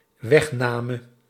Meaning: singular dependent-clause past subjunctive of wegnemen
- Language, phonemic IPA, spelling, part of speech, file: Dutch, /ˈwɛxnamə/, wegname, noun, Nl-wegname.ogg